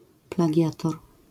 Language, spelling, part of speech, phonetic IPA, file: Polish, plagiator, noun, [plaˈɟatɔr], LL-Q809 (pol)-plagiator.wav